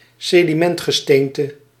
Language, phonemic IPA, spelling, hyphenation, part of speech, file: Dutch, /seːdiˈmɛnt.xəˌsteːn.tə/, sedimentgesteente, se‧di‧ment‧ge‧steen‧te, noun, Nl-sedimentgesteente.ogg
- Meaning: sedimentary rock